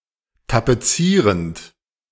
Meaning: present participle of tapezieren
- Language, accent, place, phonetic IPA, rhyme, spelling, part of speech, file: German, Germany, Berlin, [tapeˈt͡siːʁənt], -iːʁənt, tapezierend, verb, De-tapezierend.ogg